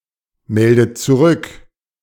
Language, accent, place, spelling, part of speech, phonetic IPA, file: German, Germany, Berlin, meldet zurück, verb, [ˌmɛldət t͡suˈʁʏk], De-meldet zurück.ogg
- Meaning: inflection of zurückmelden: 1. second-person plural present 2. second-person plural subjunctive I 3. third-person singular present 4. plural imperative